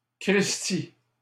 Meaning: alternative form of sacristi
- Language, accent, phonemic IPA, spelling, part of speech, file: French, Canada, /kʁis.ti/, cristi, interjection, LL-Q150 (fra)-cristi.wav